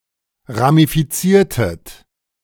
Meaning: inflection of ramifizieren: 1. second-person plural preterite 2. second-person plural subjunctive II
- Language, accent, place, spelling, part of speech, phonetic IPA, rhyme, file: German, Germany, Berlin, ramifiziertet, verb, [ʁamifiˈt͡siːɐ̯tət], -iːɐ̯tət, De-ramifiziertet.ogg